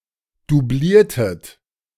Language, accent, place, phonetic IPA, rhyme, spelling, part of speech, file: German, Germany, Berlin, [duˈbliːɐ̯tət], -iːɐ̯tət, doubliertet, verb, De-doubliertet.ogg
- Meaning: inflection of doublieren: 1. second-person plural preterite 2. second-person plural subjunctive II